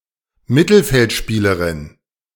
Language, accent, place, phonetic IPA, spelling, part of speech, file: German, Germany, Berlin, [ˈmɪtl̩fɛltˌʃpiːləʁɪn], Mittelfeldspielerin, noun, De-Mittelfeldspielerin.ogg
- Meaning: female midfielder